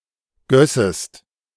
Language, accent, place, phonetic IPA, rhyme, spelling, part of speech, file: German, Germany, Berlin, [ˈɡœsəst], -œsəst, gössest, verb, De-gössest.ogg
- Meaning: second-person singular subjunctive II of gießen